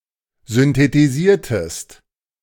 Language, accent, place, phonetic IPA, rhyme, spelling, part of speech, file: German, Germany, Berlin, [zʏntetiˈziːɐ̯təst], -iːɐ̯təst, synthetisiertest, verb, De-synthetisiertest.ogg
- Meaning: inflection of synthetisieren: 1. second-person singular preterite 2. second-person singular subjunctive II